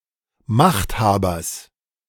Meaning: genitive singular of Machthaber
- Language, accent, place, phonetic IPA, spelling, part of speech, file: German, Germany, Berlin, [ˈmaxtˌhaːbɐs], Machthabers, noun, De-Machthabers.ogg